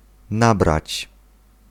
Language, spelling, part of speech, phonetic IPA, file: Polish, nabrać, verb, [ˈnabrat͡ɕ], Pl-nabrać.ogg